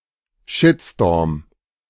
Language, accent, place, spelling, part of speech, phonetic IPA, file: German, Germany, Berlin, Shitstorm, noun, [ˈʃɪtstoːɐ̯m], De-Shitstorm.ogg
- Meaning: shitstorm (extreme backlash), outcry